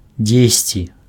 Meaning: somewhere (position)
- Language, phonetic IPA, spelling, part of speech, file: Belarusian, [ˈd͡zʲesʲt͡sʲi], дзесьці, adverb, Be-дзесьці.ogg